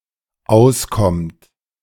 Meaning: inflection of auskommen: 1. third-person singular dependent present 2. second-person plural dependent present
- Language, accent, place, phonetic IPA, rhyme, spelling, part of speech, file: German, Germany, Berlin, [ˈaʊ̯sˌkɔmt], -aʊ̯skɔmt, auskommt, verb, De-auskommt.ogg